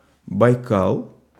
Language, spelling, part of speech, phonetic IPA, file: Russian, Байкал, proper noun, [bɐjˈkaɫ], Ru-Байкал.ogg
- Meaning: 1. Baikal (a lake in Siberia in Russia) 2. Baikal (Soviet and Russian non-alcoholic beverage)